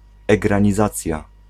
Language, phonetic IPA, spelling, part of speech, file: Polish, [ˌɛɡrãɲiˈzat͡sʲja], egranizacja, noun, Pl-egranizacja.ogg